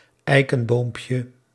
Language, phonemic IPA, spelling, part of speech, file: Dutch, /ˈɛikə(n)ˌbompjə/, eikenboompje, noun, Nl-eikenboompje.ogg
- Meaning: diminutive of eikenboom